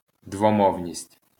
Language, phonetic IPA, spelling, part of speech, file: Ukrainian, [dwɔˈmɔu̯nʲisʲtʲ], двомовність, noun, LL-Q8798 (ukr)-двомовність.wav
- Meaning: bilingualism